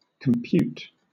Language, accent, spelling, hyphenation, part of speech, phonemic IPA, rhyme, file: English, Southern England, compute, com‧pute, verb / noun, /kəmˈpjuːt/, -uːt, LL-Q1860 (eng)-compute.wav
- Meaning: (verb) 1. To reckon, calculate 2. To make sense. (commonly used in mimicry of a science fictional robot and spoken in a robotic voice; most frequently in negative constructs)